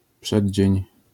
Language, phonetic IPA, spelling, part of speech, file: Polish, [ˈpʃɛdʲd͡ʑɛ̇̃ɲ], przeddzień, noun, LL-Q809 (pol)-przeddzień.wav